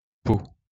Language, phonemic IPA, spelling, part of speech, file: French, /po/, Pau, proper noun, LL-Q150 (fra)-Pau.wav
- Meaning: Pau (a city in France)